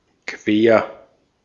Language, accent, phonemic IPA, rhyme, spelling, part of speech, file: German, Austria, /kveːɐ̯/, -eːɐ̯, quer, adjective / adverb, De-at-quer.ogg
- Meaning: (adjective) crosswise, cross; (adverb) crosswise, across